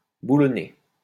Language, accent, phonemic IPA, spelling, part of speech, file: French, France, /bu.lɔ.ne/, boulonner, verb, LL-Q150 (fra)-boulonner.wav
- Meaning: 1. to bolt (on) 2. to work hard